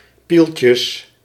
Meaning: plural of pieltje
- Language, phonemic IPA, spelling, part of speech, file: Dutch, /ˈpilcəs/, pieltjes, noun, Nl-pieltjes.ogg